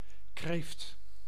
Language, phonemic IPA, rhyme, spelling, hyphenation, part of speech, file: Dutch, /kreːft/, -eːft, kreeft, kreeft, noun, Nl-kreeft.ogg
- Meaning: lobster, crayfish, used of certain members of the Pleocyemata